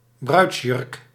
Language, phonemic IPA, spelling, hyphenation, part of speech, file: Dutch, /ˈbrœy̯ts.jʏrk/, bruidsjurk, bruids‧jurk, noun, Nl-bruidsjurk.ogg
- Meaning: wedding dress